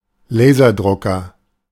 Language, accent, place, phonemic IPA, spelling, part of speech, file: German, Germany, Berlin, /ˈleːzɐˌdʁʊkɐ/, Laserdrucker, noun, De-Laserdrucker.ogg
- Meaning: laser printer (computer printer)